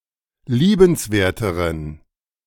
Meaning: inflection of liebenswert: 1. strong genitive masculine/neuter singular comparative degree 2. weak/mixed genitive/dative all-gender singular comparative degree
- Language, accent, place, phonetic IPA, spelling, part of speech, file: German, Germany, Berlin, [ˈliːbənsˌveːɐ̯təʁən], liebenswerteren, adjective, De-liebenswerteren.ogg